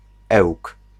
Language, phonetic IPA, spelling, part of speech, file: Polish, [ɛwk], Ełk, proper noun, Pl-Ełk.ogg